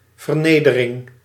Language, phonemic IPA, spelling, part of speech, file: Dutch, /vərˈnedəˌrɪŋ/, vernedering, noun, Nl-vernedering.ogg
- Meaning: humiliation, either active or passive